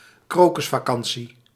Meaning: a week-long school holiday held in February or March; spring break (mostly for children at primary and secondary schools, so lacking the more adult connotations that spring break has in the US)
- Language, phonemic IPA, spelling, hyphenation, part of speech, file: Dutch, /ˈkroː.kʏs.faːˌkɑn.(t)si/, krokusvakantie, kro‧kus‧va‧kan‧tie, noun, Nl-krokusvakantie.ogg